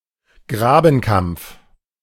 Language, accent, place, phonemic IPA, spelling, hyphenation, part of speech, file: German, Germany, Berlin, /ˈɡʁaːbn̩ˌkampf/, Grabenkampf, Gra‧ben‧kampf, noun, De-Grabenkampf.ogg
- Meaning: trench warfare